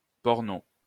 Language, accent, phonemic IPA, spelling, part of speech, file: French, France, /pɔʁ.no/, porno, noun, LL-Q150 (fra)-porno.wav
- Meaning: 1. porno; porn 2. porn movie, skin flick, blue movie